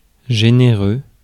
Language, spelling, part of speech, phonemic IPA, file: French, généreux, adjective, /ʒe.ne.ʁø/, Fr-généreux.ogg
- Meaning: generous, kind